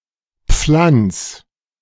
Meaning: 1. singular imperative of pflanzen 2. first-person singular present of pflanzen
- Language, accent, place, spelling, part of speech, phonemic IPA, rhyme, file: German, Germany, Berlin, pflanz, verb, /pflants/, -ants, De-pflanz.ogg